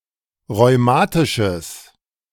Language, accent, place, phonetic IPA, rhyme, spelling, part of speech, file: German, Germany, Berlin, [ʁɔɪ̯ˈmaːtɪʃəs], -aːtɪʃəs, rheumatisches, adjective, De-rheumatisches.ogg
- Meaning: strong/mixed nominative/accusative neuter singular of rheumatisch